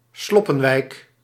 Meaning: shantytown, slum
- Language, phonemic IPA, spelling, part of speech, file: Dutch, /ˈslɔ.pəˌʋɛi̯k/, sloppenwijk, noun, Nl-sloppenwijk.ogg